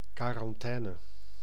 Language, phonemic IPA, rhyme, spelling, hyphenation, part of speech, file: Dutch, /ˌkaː.rɑnˈtɛː.nə/, -ɛːnə, quarantaine, qua‧ran‧tai‧ne, noun, Nl-quarantaine.ogg
- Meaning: 1. a quarantine, sanitary measure of isolating infected people; its duration or site 2. any isolation, exclusion